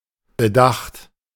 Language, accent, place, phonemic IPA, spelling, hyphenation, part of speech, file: German, Germany, Berlin, /bəˈdaxt/, Bedacht, Be‧dacht, noun, De-Bedacht.ogg
- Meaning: care, consideration